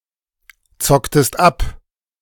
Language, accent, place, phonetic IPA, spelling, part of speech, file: German, Germany, Berlin, [ˌt͡sɔktəst ˈap], zocktest ab, verb, De-zocktest ab.ogg
- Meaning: inflection of abzocken: 1. second-person singular preterite 2. second-person singular subjunctive II